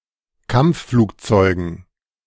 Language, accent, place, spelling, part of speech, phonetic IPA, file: German, Germany, Berlin, Kampfflugzeugen, noun, [ˈkamp͡ffluːkˌt͡sɔɪ̯ɡn̩], De-Kampfflugzeugen.ogg
- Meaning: dative plural of Kampfflugzeug